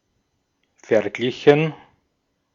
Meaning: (verb) past participle of vergleichen; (adjective) compared, likened; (verb) inflection of vergleichen: 1. first/third-person plural preterite 2. first/third-person plural subjunctive II
- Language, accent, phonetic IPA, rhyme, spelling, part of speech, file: German, Austria, [fɛɐ̯ˈɡlɪçn̩], -ɪçn̩, verglichen, verb, De-at-verglichen.ogg